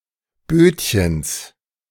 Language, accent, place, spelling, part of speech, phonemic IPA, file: German, Germany, Berlin, Bötchens, noun, /ˈbøːtçəns/, De-Bötchens.ogg
- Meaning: genitive of Bötchen